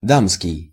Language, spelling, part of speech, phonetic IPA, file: Russian, дамский, adjective, [ˈdamskʲɪj], Ru-дамский.ogg
- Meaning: lady's, ladies'